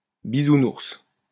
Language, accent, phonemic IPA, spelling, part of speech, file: French, France, /bi.zu.nuʁs/, bisounours, noun, LL-Q150 (fra)-bisounours.wav
- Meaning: a childish or naive person